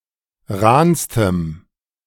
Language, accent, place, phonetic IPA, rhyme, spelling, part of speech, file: German, Germany, Berlin, [ˈʁaːnstəm], -aːnstəm, rahnstem, adjective, De-rahnstem.ogg
- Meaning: strong dative masculine/neuter singular superlative degree of rahn